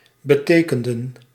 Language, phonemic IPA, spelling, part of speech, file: Dutch, /bə.ˈteː.kən.də(n)/, betekenden, verb, Nl-betekenden.ogg
- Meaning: inflection of betekenen: 1. plural past indicative 2. plural past subjunctive